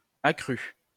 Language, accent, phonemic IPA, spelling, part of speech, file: French, France, /a kʁy/, à cru, adverb, LL-Q150 (fra)-à cru.wav
- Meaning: bareback (without a saddle)